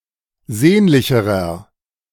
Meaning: inflection of sehnlich: 1. strong/mixed nominative masculine singular comparative degree 2. strong genitive/dative feminine singular comparative degree 3. strong genitive plural comparative degree
- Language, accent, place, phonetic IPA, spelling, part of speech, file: German, Germany, Berlin, [ˈzeːnlɪçəʁɐ], sehnlicherer, adjective, De-sehnlicherer.ogg